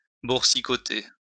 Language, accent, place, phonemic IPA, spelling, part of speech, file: French, France, Lyon, /buʁ.si.kɔ.te/, boursicoter, verb, LL-Q150 (fra)-boursicoter.wav
- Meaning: 1. to set money aside 2. to dabble on the stock market